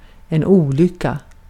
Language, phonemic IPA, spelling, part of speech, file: Swedish, /²uːˌlʏkːa/, olycka, noun, Sv-olycka.ogg
- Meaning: 1. an accident (unfortunate mishap) 2. misfortune, unhappiness, misery